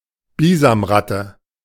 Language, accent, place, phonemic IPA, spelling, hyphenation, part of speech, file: German, Germany, Berlin, /ˈbiːzamˌʁatə/, Bisamratte, Bi‧sam‧rat‧te, noun, De-Bisamratte.ogg
- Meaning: muskrat